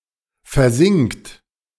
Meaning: inflection of versinken: 1. third-person singular present 2. second-person plural present 3. plural imperative
- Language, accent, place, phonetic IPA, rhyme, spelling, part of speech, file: German, Germany, Berlin, [fɛɐ̯ˈzɪŋkt], -ɪŋkt, versinkt, verb, De-versinkt.ogg